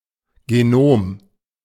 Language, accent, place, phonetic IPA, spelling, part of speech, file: German, Germany, Berlin, [ɡeˈnoːm], Genom, noun, De-Genom.ogg
- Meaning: genome (complete genetic information of an organism)